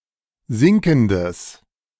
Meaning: strong/mixed nominative/accusative neuter singular of sinkend
- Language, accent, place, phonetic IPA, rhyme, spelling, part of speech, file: German, Germany, Berlin, [ˈzɪŋkn̩dəs], -ɪŋkn̩dəs, sinkendes, adjective, De-sinkendes.ogg